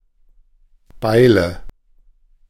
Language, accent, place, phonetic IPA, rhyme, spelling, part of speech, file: German, Germany, Berlin, [ˈbaɪ̯lə], -aɪ̯lə, Beile, noun / proper noun, De-Beile.ogg
- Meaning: nominative/accusative/genitive plural of Beil